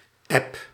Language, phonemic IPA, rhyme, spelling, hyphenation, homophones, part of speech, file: Dutch, /ɛp/, -ɛp, app, app, eb, noun / verb, Nl-app.ogg
- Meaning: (noun) 1. an app 2. a text message sent using an app 3. a chat on a text messaging app, particularly a group chat; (verb) inflection of appen: first-person singular present indicative